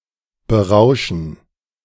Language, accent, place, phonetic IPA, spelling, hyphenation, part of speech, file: German, Germany, Berlin, [bəˈʁaʊ̯ʃn̩], berauschen, be‧rau‧schen, verb, De-berauschen.ogg
- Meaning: to intoxicate, to inebriate